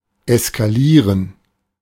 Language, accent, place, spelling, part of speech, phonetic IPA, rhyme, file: German, Germany, Berlin, eskalieren, verb, [ɛskaˈliːʁən], -iːʁən, De-eskalieren.ogg
- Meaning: 1. to escalate (to reach a new level of severity) 2. to escalate (to cause something to reach a new level of severity) 3. to go wild, to go crazy (especially of people)